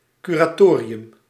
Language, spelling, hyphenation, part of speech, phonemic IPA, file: Dutch, curatorium, cu‧ra‧to‧ri‧um, noun, /ˌky.raːˈtoː.ri.ʏm/, Nl-curatorium.ogg
- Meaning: board of curators